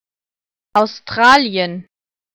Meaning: Australia (a country consisting of a main island, the island of Tasmania and other smaller islands, located in Oceania; historically, a collection of former colonies of the British Empire)
- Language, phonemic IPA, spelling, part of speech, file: German, /aʊsˈtʁaːli̯ən/, Australien, proper noun, De-Australien.ogg